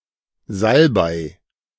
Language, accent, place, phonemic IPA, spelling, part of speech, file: German, Germany, Berlin, /ˈzalbaɪ̯/, Salbei, noun, De-Salbei.ogg
- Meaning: sage, salvia